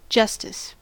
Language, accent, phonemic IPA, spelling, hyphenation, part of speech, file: English, General American, /ˈd͡ʒʌs.tɪs/, justice, jus‧tice, noun, En-us-justice.ogg
- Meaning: 1. The state or characteristic of being just or fair 2. The ideal of fairness, impartiality, etc., especially with regard to the punishment of wrongdoing